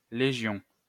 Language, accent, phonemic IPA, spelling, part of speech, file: French, France, /le.ʒjɔ̃/, légion, noun, LL-Q150 (fra)-légion.wav
- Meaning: legion